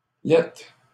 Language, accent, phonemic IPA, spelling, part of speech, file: French, Canada, /lɛt/, laitte, adjective, LL-Q150 (fra)-laitte.wav
- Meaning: (informal) ugly